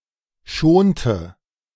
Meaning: inflection of schonen: 1. first/third-person singular preterite 2. first/third-person singular subjunctive II
- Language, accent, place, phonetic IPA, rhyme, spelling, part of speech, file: German, Germany, Berlin, [ˈʃoːntə], -oːntə, schonte, verb, De-schonte.ogg